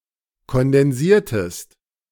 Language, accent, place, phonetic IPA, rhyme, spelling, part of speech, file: German, Germany, Berlin, [kɔndɛnˈziːɐ̯təst], -iːɐ̯təst, kondensiertest, verb, De-kondensiertest.ogg
- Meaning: inflection of kondensieren: 1. second-person singular preterite 2. second-person singular subjunctive II